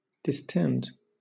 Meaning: 1. To extend or expand, as from internal pressure; to swell 2. To extend; to stretch out; to spread out 3. To cause to swell 4. To cause gravidity
- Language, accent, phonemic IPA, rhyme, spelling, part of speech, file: English, Southern England, /dɪˈstɛnd/, -ɛnd, distend, verb, LL-Q1860 (eng)-distend.wav